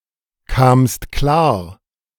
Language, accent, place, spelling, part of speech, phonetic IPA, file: German, Germany, Berlin, kamst klar, verb, [kaːmst ˈklaːɐ̯], De-kamst klar.ogg
- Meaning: second-person singular preterite of klarkommen